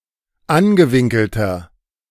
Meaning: inflection of angewinkelt: 1. strong/mixed nominative masculine singular 2. strong genitive/dative feminine singular 3. strong genitive plural
- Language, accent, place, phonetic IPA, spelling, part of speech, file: German, Germany, Berlin, [ˈanɡəˌvɪŋkl̩tɐ], angewinkelter, adjective, De-angewinkelter.ogg